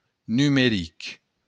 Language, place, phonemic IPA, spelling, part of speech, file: Occitan, Béarn, /nymeˈɾik/, numeric, adjective, LL-Q14185 (oci)-numeric.wav
- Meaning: numerical